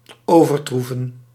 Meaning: 1. to surpass 2. to overturn 3. to overtrump
- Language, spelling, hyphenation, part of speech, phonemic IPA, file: Dutch, overtroeven, over‧troe‧ven, verb, /ˌoː.vərˈtru.və(n)/, Nl-overtroeven.ogg